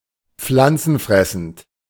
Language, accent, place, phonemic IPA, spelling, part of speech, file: German, Germany, Berlin, /ˈpflant͡sn̩ˌfʁɛsn̩t/, pflanzenfressend, adjective, De-pflanzenfressend.ogg
- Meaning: herbivorous